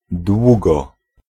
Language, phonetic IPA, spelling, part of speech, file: Polish, [ˈdwuɡɔ], długo, adverb, Pl-długo.ogg